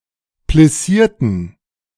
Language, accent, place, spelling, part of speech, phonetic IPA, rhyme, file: German, Germany, Berlin, plissierten, adjective / verb, [plɪˈsiːɐ̯tn̩], -iːɐ̯tn̩, De-plissierten.ogg
- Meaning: inflection of plissieren: 1. first/third-person plural preterite 2. first/third-person plural subjunctive II